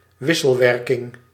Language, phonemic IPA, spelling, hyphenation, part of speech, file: Dutch, /ˈʋɪ.səlˌʋɛr.kɪŋ/, wisselwerking, wis‧sel‧wer‧king, noun, Nl-wisselwerking.ogg
- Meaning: interaction, interplay